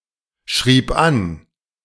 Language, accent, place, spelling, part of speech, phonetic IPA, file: German, Germany, Berlin, schrieb an, verb, [ˌʃʁiːp ˈan], De-schrieb an.ogg
- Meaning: first/third-person singular preterite of anschreiben